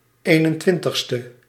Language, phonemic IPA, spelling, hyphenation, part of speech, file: Dutch, /ˌeː.nə(n)ˈtʋɪn.təx.stə/, eenentwintigste, een‧en‧twin‧tig‧ste, adjective, Nl-eenentwintigste.ogg
- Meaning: twenty-first